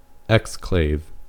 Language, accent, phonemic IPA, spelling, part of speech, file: English, US, /ˈɛkskleɪv/, exclave, noun / verb, En-us-exclave.ogg
- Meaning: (noun) 1. A portion of a country's territory not connected to the main part 2. A detached part of an organ, as of the pancreas, thyroid (accessory thyroids), or other gland